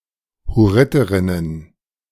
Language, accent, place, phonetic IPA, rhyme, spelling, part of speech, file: German, Germany, Berlin, [hʊˈʁɪtəʁɪnən], -ɪtəʁɪnən, Hurriterinnen, noun, De-Hurriterinnen.ogg
- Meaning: plural of Hurriterin